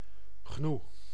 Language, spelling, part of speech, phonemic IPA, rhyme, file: Dutch, gnoe, noun, /ɣnu/, -u, Nl-gnoe.ogg
- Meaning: gnu, wildebeest